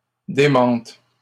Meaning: third-person plural present indicative/subjunctive of démentir
- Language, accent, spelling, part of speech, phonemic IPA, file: French, Canada, démentent, verb, /de.mɑ̃t/, LL-Q150 (fra)-démentent.wav